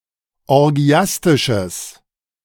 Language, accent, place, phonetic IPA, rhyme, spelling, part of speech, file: German, Germany, Berlin, [ɔʁˈɡi̯astɪʃəs], -astɪʃəs, orgiastisches, adjective, De-orgiastisches.ogg
- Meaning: strong/mixed nominative/accusative neuter singular of orgiastisch